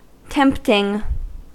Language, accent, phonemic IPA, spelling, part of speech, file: English, US, /ˈtɛmp.tɪŋ/, tempting, adjective / verb / noun, En-us-tempting.ogg
- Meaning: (adjective) 1. Attractive, appealing, enticing 2. Seductive, alluring, inviting; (verb) present participle and gerund of tempt; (noun) The act of subjecting somebody to temptation